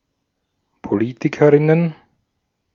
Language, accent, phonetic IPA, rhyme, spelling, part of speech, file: German, Austria, [poˈliːtɪkəʁɪnən], -iːtɪkəʁɪnən, Politikerinnen, noun, De-at-Politikerinnen.ogg
- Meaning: plural of Politikerin